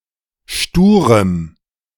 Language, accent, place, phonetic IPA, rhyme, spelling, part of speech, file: German, Germany, Berlin, [ˈʃtuːʁəm], -uːʁəm, sturem, adjective, De-sturem.ogg
- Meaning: strong dative masculine/neuter singular of stur